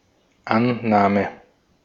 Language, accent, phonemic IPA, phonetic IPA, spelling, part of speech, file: German, Austria, /ˈanˌnaːmə/, [ˈʔa(n)ˌnaː.mə], Annahme, noun, De-at-Annahme.ogg
- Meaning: 1. presupposition, assumption, hypothesis 2. acceptance, the act of accepting 3. receipt, reception, the act of receiving 4. the act of stopping and controlling the ball